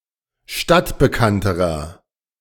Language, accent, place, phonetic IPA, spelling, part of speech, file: German, Germany, Berlin, [ˈʃtatbəˌkantəʁɐ], stadtbekannterer, adjective, De-stadtbekannterer.ogg
- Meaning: inflection of stadtbekannt: 1. strong/mixed nominative masculine singular comparative degree 2. strong genitive/dative feminine singular comparative degree 3. strong genitive plural comparative degree